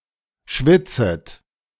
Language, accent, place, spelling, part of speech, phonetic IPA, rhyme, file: German, Germany, Berlin, schwitzet, verb, [ˈʃvɪt͡sət], -ɪt͡sət, De-schwitzet.ogg
- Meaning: second-person plural subjunctive I of schwitzen